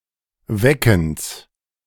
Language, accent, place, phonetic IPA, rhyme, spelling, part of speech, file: German, Germany, Berlin, [ˈvɛkn̩s], -ɛkn̩s, Weckens, noun, De-Weckens.ogg
- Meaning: genitive singular of Wecken